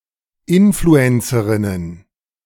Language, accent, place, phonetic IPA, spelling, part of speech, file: German, Germany, Berlin, [ˈɪnfluənsəʁɪnən], Influencerinnen, noun, De-Influencerinnen.ogg
- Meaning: plural of Influencerin